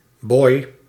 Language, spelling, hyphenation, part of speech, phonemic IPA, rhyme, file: Dutch, boy, boy, noun, /bɔi̯/, -ɔi̯, Nl-boy.ogg
- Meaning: 1. a male domestic servant, especially one with a darker skin in a colony 2. boy, young man